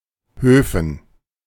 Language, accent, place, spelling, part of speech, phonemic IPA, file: German, Germany, Berlin, Höfen, proper noun / noun, /ˈhøːfn̩/, De-Höfen.ogg
- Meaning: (proper noun) a municipality of Tyrol, Austria; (noun) dative plural of Hof